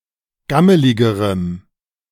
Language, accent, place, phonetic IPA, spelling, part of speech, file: German, Germany, Berlin, [ˈɡaməlɪɡəʁəm], gammeligerem, adjective, De-gammeligerem.ogg
- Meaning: strong dative masculine/neuter singular comparative degree of gammelig